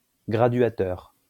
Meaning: dimmer, rheostat
- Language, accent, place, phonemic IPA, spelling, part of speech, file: French, France, Lyon, /ɡʁa.dɥa.tœʁ/, graduateur, noun, LL-Q150 (fra)-graduateur.wav